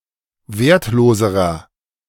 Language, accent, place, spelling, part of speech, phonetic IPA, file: German, Germany, Berlin, wertloserer, adjective, [ˈveːɐ̯tˌloːzəʁɐ], De-wertloserer.ogg
- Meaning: inflection of wertlos: 1. strong/mixed nominative masculine singular comparative degree 2. strong genitive/dative feminine singular comparative degree 3. strong genitive plural comparative degree